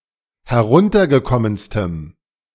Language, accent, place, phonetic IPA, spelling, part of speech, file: German, Germany, Berlin, [hɛˈʁʊntɐɡəˌkɔmənstəm], heruntergekommenstem, adjective, De-heruntergekommenstem.ogg
- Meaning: strong dative masculine/neuter singular superlative degree of heruntergekommen